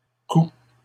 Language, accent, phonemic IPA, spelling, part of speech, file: French, Canada, /ku/, coud, verb, LL-Q150 (fra)-coud.wav
- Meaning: third-person singular present indicative of coudre